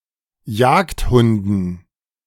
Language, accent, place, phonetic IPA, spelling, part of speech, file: German, Germany, Berlin, [ˈjaːktˌhʊndn̩], Jagdhunden, noun, De-Jagdhunden.ogg
- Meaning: dative plural of Jagdhund